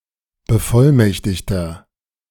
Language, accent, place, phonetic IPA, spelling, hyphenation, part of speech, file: German, Germany, Berlin, [bəˈfɔlˌmɛçtɪçtɐ], Bevollmächtigter, Be‧voll‧mäch‧tig‧ter, noun, De-Bevollmächtigter.ogg
- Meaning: 1. plenipotentiary (male or of unspecified gender) 2. attorney-in-fact, agent, proxy 3. inflection of Bevollmächtigte: strong genitive/dative singular